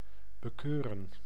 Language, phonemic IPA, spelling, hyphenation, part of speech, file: Dutch, /bəˈkøːrə(n)/, bekeuren, be‧keu‧ren, verb, Nl-bekeuren.ogg
- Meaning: to fine, to penalise